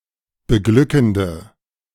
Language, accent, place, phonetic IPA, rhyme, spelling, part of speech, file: German, Germany, Berlin, [bəˈɡlʏkn̩də], -ʏkn̩də, beglückende, adjective, De-beglückende.ogg
- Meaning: inflection of beglückend: 1. strong/mixed nominative/accusative feminine singular 2. strong nominative/accusative plural 3. weak nominative all-gender singular